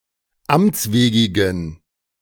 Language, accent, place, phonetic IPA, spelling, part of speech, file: German, Germany, Berlin, [ˈamt͡sˌveːɡɪɡn̩], amtswegigen, adjective, De-amtswegigen.ogg
- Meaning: inflection of amtswegig: 1. strong genitive masculine/neuter singular 2. weak/mixed genitive/dative all-gender singular 3. strong/weak/mixed accusative masculine singular 4. strong dative plural